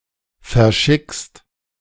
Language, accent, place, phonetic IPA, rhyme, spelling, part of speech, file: German, Germany, Berlin, [fɛɐ̯ˈʃɪkst], -ɪkst, verschickst, verb, De-verschickst.ogg
- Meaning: second-person singular present of verschicken